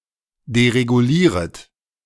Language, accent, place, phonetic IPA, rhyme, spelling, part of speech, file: German, Germany, Berlin, [deʁeɡuˈliːʁət], -iːʁət, deregulieret, verb, De-deregulieret.ogg
- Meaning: second-person plural subjunctive I of deregulieren